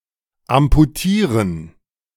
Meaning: to amputate
- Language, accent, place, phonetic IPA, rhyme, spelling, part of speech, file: German, Germany, Berlin, [ampuˈtiːʁən], -iːʁən, amputieren, verb, De-amputieren.ogg